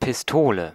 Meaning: 1. pistol, gun 2. gun (device operated by a trigger)
- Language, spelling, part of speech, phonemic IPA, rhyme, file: German, Pistole, noun, /pɪsˈtoːlə/, -oːlə, De-Pistole.ogg